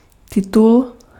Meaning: 1. title (added to a person's name) 2. publication, book, title
- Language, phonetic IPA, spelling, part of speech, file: Czech, [ˈtɪtul], titul, noun, Cs-titul.ogg